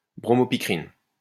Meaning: brompicrin
- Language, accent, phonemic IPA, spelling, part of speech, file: French, France, /bʁɔ.mɔ.pi.kʁin/, bromopicrine, noun, LL-Q150 (fra)-bromopicrine.wav